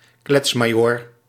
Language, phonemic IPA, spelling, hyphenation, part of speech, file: Dutch, /ˈklɛts.maːˌjoːr/, kletsmajoor, klets‧ma‧joor, noun, Nl-kletsmajoor.ogg
- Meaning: babbler, chatterbox, all too talkative person